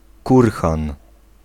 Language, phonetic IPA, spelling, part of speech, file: Polish, [ˈkurxãn], kurhan, noun, Pl-kurhan.ogg